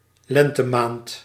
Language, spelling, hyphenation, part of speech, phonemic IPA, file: Dutch, lentemaand, len‧te‧maand, noun, /ˈlɛn.təˌmaːnt/, Nl-lentemaand.ogg
- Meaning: March